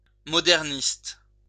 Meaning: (adjective) modernist
- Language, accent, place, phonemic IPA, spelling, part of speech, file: French, France, Lyon, /mɔ.dɛʁ.nist/, moderniste, adjective / noun, LL-Q150 (fra)-moderniste.wav